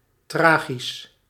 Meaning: tragic
- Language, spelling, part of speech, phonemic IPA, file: Dutch, tragisch, adjective, /ˈtraːɣis/, Nl-tragisch.ogg